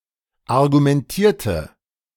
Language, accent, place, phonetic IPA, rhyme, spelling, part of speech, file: German, Germany, Berlin, [aʁɡumɛnˈtiːɐ̯tə], -iːɐ̯tə, argumentierte, adjective / verb, De-argumentierte.ogg
- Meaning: inflection of argumentieren: 1. first/third-person singular preterite 2. first/third-person singular subjunctive II